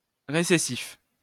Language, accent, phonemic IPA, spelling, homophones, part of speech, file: French, France, /ʁe.se.sif/, récessif, récessifs, adjective, LL-Q150 (fra)-récessif.wav
- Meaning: recessive